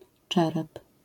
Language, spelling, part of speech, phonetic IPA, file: Polish, czerep, noun, [ˈt͡ʃɛrɛp], LL-Q809 (pol)-czerep.wav